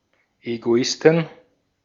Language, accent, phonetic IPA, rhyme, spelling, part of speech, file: German, Austria, [eɡoˈɪstn̩], -ɪstn̩, Egoisten, noun, De-at-Egoisten.ogg
- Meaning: plural of Egoist